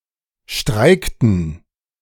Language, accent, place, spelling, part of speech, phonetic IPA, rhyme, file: German, Germany, Berlin, streikten, verb, [ˈʃtʁaɪ̯ktn̩], -aɪ̯ktn̩, De-streikten.ogg
- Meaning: inflection of streiken: 1. first/third-person plural preterite 2. first/third-person plural subjunctive II